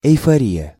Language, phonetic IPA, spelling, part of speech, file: Russian, [ɪjfɐˈrʲijə], эйфория, noun, Ru-эйфория.ogg
- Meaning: euphoria